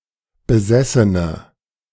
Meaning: inflection of besessen: 1. strong/mixed nominative/accusative feminine singular 2. strong nominative/accusative plural 3. weak nominative all-gender singular
- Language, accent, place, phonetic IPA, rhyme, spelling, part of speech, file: German, Germany, Berlin, [bəˈzɛsənə], -ɛsənə, besessene, adjective, De-besessene.ogg